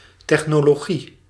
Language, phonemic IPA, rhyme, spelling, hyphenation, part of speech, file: Dutch, /ˌtɛx.noː.loːˈɣi/, -i, technologie, tech‧no‧lo‧gie, noun, Nl-technologie.ogg
- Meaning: technology